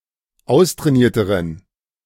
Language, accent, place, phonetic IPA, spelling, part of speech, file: German, Germany, Berlin, [ˈaʊ̯stʁɛːˌniːɐ̯təʁən], austrainierteren, adjective, De-austrainierteren.ogg
- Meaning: inflection of austrainiert: 1. strong genitive masculine/neuter singular comparative degree 2. weak/mixed genitive/dative all-gender singular comparative degree